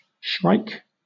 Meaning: Any of various passerine birds of the family Laniidae which are known for their habit of catching other birds and small animals and impaling the uneaten portions of their bodies on thorns
- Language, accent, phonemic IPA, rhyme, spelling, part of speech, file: English, Southern England, /ʃɹaɪk/, -aɪk, shrike, noun, LL-Q1860 (eng)-shrike.wav